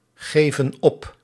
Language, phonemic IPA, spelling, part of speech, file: Dutch, /ˈɣevə(n) ˈɔp/, geven op, verb, Nl-geven op.ogg
- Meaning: inflection of opgeven: 1. plural present indicative 2. plural present subjunctive